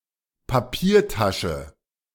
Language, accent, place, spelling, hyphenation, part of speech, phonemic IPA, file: German, Germany, Berlin, Papiertasche, Pa‧pier‧ta‧sche, noun, /paˈpiːɐ̯ˌtaʃə/, De-Papiertasche.ogg
- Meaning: paper bag